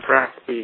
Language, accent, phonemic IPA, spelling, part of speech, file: English, General American, /ˈɹæs.pi/, raspy, adjective, En-us-raspy.ogg
- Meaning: 1. Rough, raw 2. Irritable